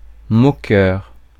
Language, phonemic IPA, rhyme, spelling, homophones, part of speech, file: French, /mɔ.kœʁ/, -œʁ, moqueur, moqueurs, noun / adjective, Fr-moqueur.ogg
- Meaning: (noun) mocker, someone who mocks, someone who pokes fun; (adjective) mocking; that mocks, that pokes fun; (noun) mockingbird